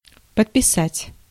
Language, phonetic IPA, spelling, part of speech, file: Russian, [pətpʲɪˈsatʲ], подписать, verb, Ru-подписать.ogg
- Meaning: 1. to sign (one's own name) 2. to add to 3. to subscribe, to take out a subscription for someone